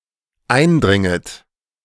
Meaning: second-person plural dependent subjunctive I of eindringen
- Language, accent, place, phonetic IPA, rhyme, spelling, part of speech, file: German, Germany, Berlin, [ˈaɪ̯nˌdʁɪŋət], -aɪ̯ndʁɪŋət, eindringet, verb, De-eindringet.ogg